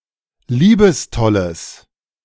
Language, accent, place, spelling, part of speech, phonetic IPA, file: German, Germany, Berlin, liebestolles, adjective, [ˈliːbəsˌtɔləs], De-liebestolles.ogg
- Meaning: strong/mixed nominative/accusative neuter singular of liebestoll